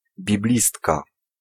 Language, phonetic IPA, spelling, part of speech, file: Polish, [bʲiˈblʲistka], biblistka, noun, Pl-biblistka.ogg